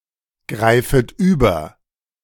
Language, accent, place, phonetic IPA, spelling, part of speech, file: German, Germany, Berlin, [ˌɡʁaɪ̯fət ˈyːbɐ], greifet über, verb, De-greifet über.ogg
- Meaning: second-person plural subjunctive I of übergreifen